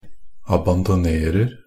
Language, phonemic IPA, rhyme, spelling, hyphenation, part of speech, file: Norwegian Bokmål, /abandɔˈneːrər/, -ər, abandonerer, a‧ban‧do‧ner‧er, verb, NB - Pronunciation of Norwegian Bokmål «abandonerer».ogg
- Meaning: present tense of abandonere